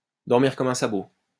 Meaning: to sleep like a log
- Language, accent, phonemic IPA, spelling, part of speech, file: French, France, /dɔʁ.miʁ kɔm œ̃ sa.bo/, dormir comme un sabot, verb, LL-Q150 (fra)-dormir comme un sabot.wav